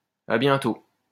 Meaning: see you soon, see you later, laters (an informal farewell wish)
- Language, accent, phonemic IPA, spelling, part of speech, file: French, France, /a bjɛ̃.to/, à bientôt, interjection, LL-Q150 (fra)-à bientôt.wav